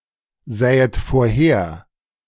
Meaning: second-person plural subjunctive II of vorhersehen
- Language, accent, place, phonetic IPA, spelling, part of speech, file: German, Germany, Berlin, [ˌzɛːət foːɐ̯ˈheːɐ̯], sähet vorher, verb, De-sähet vorher.ogg